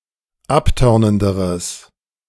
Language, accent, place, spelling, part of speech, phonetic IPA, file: German, Germany, Berlin, abtörnenderes, adjective, [ˈapˌtœʁnəndəʁəs], De-abtörnenderes.ogg
- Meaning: strong/mixed nominative/accusative neuter singular comparative degree of abtörnend